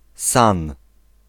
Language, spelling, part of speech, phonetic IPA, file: Polish, San, proper noun, [sãn], Pl-San.ogg